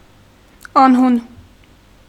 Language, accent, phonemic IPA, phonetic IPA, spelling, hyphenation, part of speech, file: Armenian, Eastern Armenian, /ɑnˈhun/, [ɑnhún], անհուն, ան‧հուն, adjective, Hy-անհուն.ogg
- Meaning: 1. bottomless 2. infinite, limitless